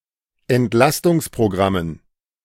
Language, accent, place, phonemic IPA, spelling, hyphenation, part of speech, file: German, Germany, Berlin, /ɛntˈlastʊŋspʁoˌɡʁamən/, Entlastungsprogrammen, Ent‧las‧tungs‧pro‧gram‧men, noun, De-Entlastungsprogrammen.ogg
- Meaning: dative plural of Entlastungsprogramm